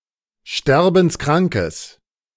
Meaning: strong/mixed nominative/accusative neuter singular of sterbenskrank
- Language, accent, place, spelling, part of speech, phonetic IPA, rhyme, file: German, Germany, Berlin, sterbenskrankes, adjective, [ˈʃtɛʁbn̩sˈkʁaŋkəs], -aŋkəs, De-sterbenskrankes.ogg